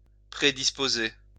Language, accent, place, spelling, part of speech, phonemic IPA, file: French, France, Lyon, prédisposer, verb, /pʁe.dis.po.ze/, LL-Q150 (fra)-prédisposer.wav
- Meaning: to predispose